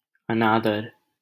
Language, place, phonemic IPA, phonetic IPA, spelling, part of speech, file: Hindi, Delhi, /ə.nɑː.d̪əɾ/, [ɐ.näː.d̪ɐɾ], अनादर, noun, LL-Q1568 (hin)-अनादर.wav
- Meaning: disrespect